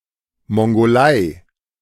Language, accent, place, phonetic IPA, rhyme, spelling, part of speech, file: German, Germany, Berlin, [ˌmɔŋɡoˈlaɪ̯], -aɪ̯, Mongolei, proper noun, De-Mongolei.ogg
- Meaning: Mongolia (a country in East Asia)